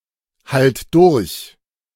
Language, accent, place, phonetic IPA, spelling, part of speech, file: German, Germany, Berlin, [ˌhalt ˈdʊʁç], halt durch, verb, De-halt durch.ogg
- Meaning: singular imperative of durchhalten